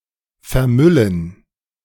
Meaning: 1. to pollute a location with trash 2. to become polluted with trash
- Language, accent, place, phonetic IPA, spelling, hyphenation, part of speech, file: German, Germany, Berlin, [fɛɐ̯ˈmʏln̩], vermüllen, ver‧mül‧len, verb, De-vermüllen.ogg